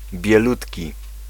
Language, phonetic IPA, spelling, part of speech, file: Polish, [bʲjɛˈlutʲci], bielutki, adjective, Pl-bielutki.ogg